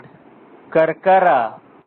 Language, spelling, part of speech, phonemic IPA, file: Pashto, کرکره, noun, /karkara/, کرکره.ogg
- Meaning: 1. crown of a chicken 2. crane (bird)